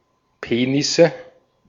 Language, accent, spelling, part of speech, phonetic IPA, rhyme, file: German, Austria, Penisse, noun, [ˈpeːnɪsə], -eːnɪsə, De-at-Penisse.ogg
- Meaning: nominative/accusative/genitive plural of Penis